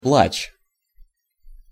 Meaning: weeping (verbal noun of пла́кать (plákatʹ) (nomen actionis instantiae; nomen obiecti))
- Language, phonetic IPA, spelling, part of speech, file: Russian, [pɫat͡ɕ], плач, noun, Ru-плач.ogg